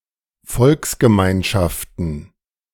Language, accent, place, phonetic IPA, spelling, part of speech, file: German, Germany, Berlin, [ˈfɔlksɡəˌmaɪ̯nʃaftn̩], Volksgemeinschaften, noun, De-Volksgemeinschaften.ogg
- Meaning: plural of Volksgemeinschaft